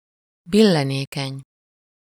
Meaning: tiltable (easily falling over)
- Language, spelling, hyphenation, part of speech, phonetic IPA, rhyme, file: Hungarian, billenékeny, bil‧le‧né‧keny, adjective, [ˈbilːɛneːkɛɲ], -ɛɲ, Hu-billenékeny.ogg